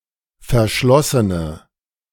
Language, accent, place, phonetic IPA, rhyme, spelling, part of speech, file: German, Germany, Berlin, [fɛɐ̯ˈʃlɔsənə], -ɔsənə, verschlossene, adjective, De-verschlossene.ogg
- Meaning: inflection of verschlossen: 1. strong/mixed nominative/accusative feminine singular 2. strong nominative/accusative plural 3. weak nominative all-gender singular